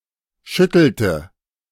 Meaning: inflection of schütteln: 1. first/third-person singular preterite 2. first/third-person singular subjunctive II
- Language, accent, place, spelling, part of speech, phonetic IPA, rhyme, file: German, Germany, Berlin, schüttelte, verb, [ˈʃʏtl̩tə], -ʏtl̩tə, De-schüttelte.ogg